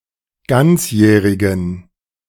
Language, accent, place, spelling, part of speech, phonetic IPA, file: German, Germany, Berlin, ganzjährigen, adjective, [ˈɡant͡sˌjɛːʁɪɡn̩], De-ganzjährigen.ogg
- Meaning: inflection of ganzjährig: 1. strong genitive masculine/neuter singular 2. weak/mixed genitive/dative all-gender singular 3. strong/weak/mixed accusative masculine singular 4. strong dative plural